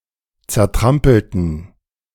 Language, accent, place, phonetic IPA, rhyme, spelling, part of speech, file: German, Germany, Berlin, [t͡sɛɐ̯ˈtʁampl̩tn̩], -ampl̩tn̩, zertrampelten, adjective / verb, De-zertrampelten.ogg
- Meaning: inflection of zertrampeln: 1. first/third-person plural preterite 2. first/third-person plural subjunctive II